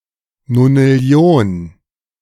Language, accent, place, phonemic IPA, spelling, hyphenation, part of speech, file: German, Germany, Berlin, /nonɪˈli̯oːn/, Nonillion, No‧nil‧li‧on, numeral, De-Nonillion.ogg
- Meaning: septendecillion (10⁵⁴)